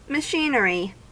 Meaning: 1. The machines constituting a production apparatus, in a plant etc., collectively 2. The working parts of a machine as a group 3. The collective parts of something which allow it to function
- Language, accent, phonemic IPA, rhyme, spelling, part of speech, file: English, US, /məˈʃiːnəɹi/, -iːnəɹi, machinery, noun, En-us-machinery.ogg